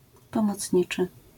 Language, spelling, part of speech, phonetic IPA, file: Polish, pomocniczy, adjective, [ˌpɔ̃mɔt͡sʲˈɲit͡ʃɨ], LL-Q809 (pol)-pomocniczy.wav